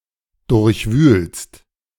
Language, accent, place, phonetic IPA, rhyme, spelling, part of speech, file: German, Germany, Berlin, [ˌdʊʁçˈvyːlst], -yːlst, durchwühlst, verb, De-durchwühlst.ogg
- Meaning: second-person singular present of durchwühlen